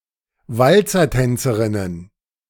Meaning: plural of Walzertänzerin
- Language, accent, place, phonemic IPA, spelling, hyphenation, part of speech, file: German, Germany, Berlin, /ˈvalt͡sɐˌtɛnt͡səʁɪnən/, Walzertänzerinnen, Wal‧zer‧tän‧ze‧rin‧nen, noun, De-Walzertänzerinnen.ogg